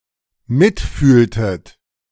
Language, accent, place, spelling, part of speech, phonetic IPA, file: German, Germany, Berlin, mitfühltet, verb, [ˈmɪtˌfyːltət], De-mitfühltet.ogg
- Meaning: inflection of mitfühlen: 1. second-person plural dependent preterite 2. second-person plural dependent subjunctive II